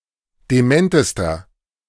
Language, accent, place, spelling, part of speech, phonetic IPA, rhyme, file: German, Germany, Berlin, dementester, adjective, [deˈmɛntəstɐ], -ɛntəstɐ, De-dementester.ogg
- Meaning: inflection of dement: 1. strong/mixed nominative masculine singular superlative degree 2. strong genitive/dative feminine singular superlative degree 3. strong genitive plural superlative degree